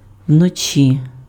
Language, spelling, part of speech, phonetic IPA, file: Ukrainian, вночі, adverb, [wnoˈt͡ʃʲi], Uk-вночі.ogg
- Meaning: at night, by night